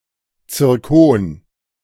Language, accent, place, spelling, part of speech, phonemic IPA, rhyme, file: German, Germany, Berlin, Zirkon, noun, /t͡sɪrˈkoːn/, -oːn, De-Zirkon.ogg
- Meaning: zircon